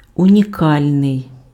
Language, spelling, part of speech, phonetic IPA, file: Ukrainian, унікальний, adjective, [ʊnʲiˈkalʲnei̯], Uk-унікальний.ogg
- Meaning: unique